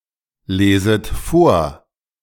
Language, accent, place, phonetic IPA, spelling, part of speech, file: German, Germany, Berlin, [ˌleːzət ˈfoːɐ̯], leset vor, verb, De-leset vor.ogg
- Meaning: second-person plural subjunctive I of vorlesen